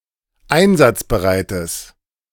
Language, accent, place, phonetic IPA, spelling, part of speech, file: German, Germany, Berlin, [ˈaɪ̯nzat͡sbəˌʁaɪ̯təs], einsatzbereites, adjective, De-einsatzbereites.ogg
- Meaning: strong/mixed nominative/accusative neuter singular of einsatzbereit